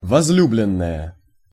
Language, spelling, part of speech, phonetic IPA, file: Russian, возлюбленная, noun, [vɐz⁽ʲ⁾ˈlʲublʲɪn(ː)əjə], Ru-возлюбленная.ogg
- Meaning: female equivalent of возлю́бленный (vozljúblennyj): female sweetheart